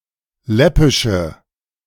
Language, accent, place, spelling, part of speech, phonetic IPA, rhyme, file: German, Germany, Berlin, läppische, adjective, [ˈlɛpɪʃə], -ɛpɪʃə, De-läppische.ogg
- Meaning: inflection of läppisch: 1. strong/mixed nominative/accusative feminine singular 2. strong nominative/accusative plural 3. weak nominative all-gender singular